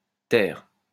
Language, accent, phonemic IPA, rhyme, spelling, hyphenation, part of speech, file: French, France, /tɛʁ/, -ɛʁ, ter, ter, adverb, LL-Q150 (fra)-ter.wav
- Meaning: b; designating a third house with the same number